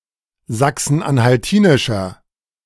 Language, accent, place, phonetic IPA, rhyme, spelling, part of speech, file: German, Germany, Berlin, [ˌzaksn̩ʔanhalˈtiːnɪʃɐ], -iːnɪʃɐ, sachsen-anhaltinischer, adjective, De-sachsen-anhaltinischer.ogg
- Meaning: inflection of sachsen-anhaltinisch: 1. strong/mixed nominative masculine singular 2. strong genitive/dative feminine singular 3. strong genitive plural